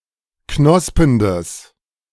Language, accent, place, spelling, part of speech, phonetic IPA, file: German, Germany, Berlin, knospendes, adjective, [ˈknɔspəndəs], De-knospendes.ogg
- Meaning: strong/mixed nominative/accusative neuter singular of knospend